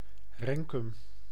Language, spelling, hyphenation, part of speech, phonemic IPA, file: Dutch, Renkum, Ren‧kum, proper noun, /ˈrɛn.kʏm/, Nl-Renkum.ogg
- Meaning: Renkum (a village and municipality of Gelderland, Netherlands)